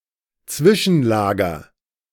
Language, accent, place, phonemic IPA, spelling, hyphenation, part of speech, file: German, Germany, Berlin, /ˈt͡svɪʃn̩ˌlaːɡɐ/, Zwischenlager, Zwi‧schen‧la‧ger, noun, De-Zwischenlager.ogg
- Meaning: intermediate storage